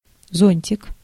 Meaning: 1. umbrella 2. sunshade 3. canopy 4. cupola 5. hood (of a furnace) 6. umbel
- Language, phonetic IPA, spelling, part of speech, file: Russian, [ˈzonʲtʲɪk], зонтик, noun, Ru-зонтик.ogg